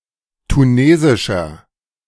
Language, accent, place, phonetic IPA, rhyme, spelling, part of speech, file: German, Germany, Berlin, [tuˈneːzɪʃɐ], -eːzɪʃɐ, tunesischer, adjective, De-tunesischer.ogg
- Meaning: inflection of tunesisch: 1. strong/mixed nominative masculine singular 2. strong genitive/dative feminine singular 3. strong genitive plural